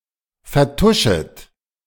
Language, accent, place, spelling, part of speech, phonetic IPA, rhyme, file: German, Germany, Berlin, vertuschet, verb, [fɛɐ̯ˈtʊʃət], -ʊʃət, De-vertuschet.ogg
- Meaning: second-person plural subjunctive I of vertuschen